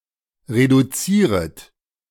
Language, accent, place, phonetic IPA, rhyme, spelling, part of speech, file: German, Germany, Berlin, [ʁeduˈt͡siːʁət], -iːʁət, reduzieret, verb, De-reduzieret.ogg
- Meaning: second-person plural subjunctive I of reduzieren